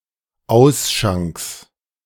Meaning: genitive singular of Ausschank
- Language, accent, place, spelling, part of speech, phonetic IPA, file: German, Germany, Berlin, Ausschanks, noun, [ˈaʊ̯sˌʃaŋks], De-Ausschanks.ogg